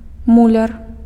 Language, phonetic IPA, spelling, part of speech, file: Belarusian, [ˈmulʲar], муляр, noun, Be-муляр.ogg
- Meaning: 1. mason 2. stovemaker